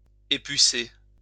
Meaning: to deflea (remove fleas from an animal)
- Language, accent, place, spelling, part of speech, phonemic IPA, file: French, France, Lyon, épucer, verb, /e.py.se/, LL-Q150 (fra)-épucer.wav